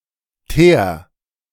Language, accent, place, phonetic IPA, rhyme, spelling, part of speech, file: German, Germany, Berlin, [teːɐ̯], -eːɐ̯, teer, verb, De-teer.ogg
- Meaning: 1. singular imperative of teeren 2. first-person singular present of teeren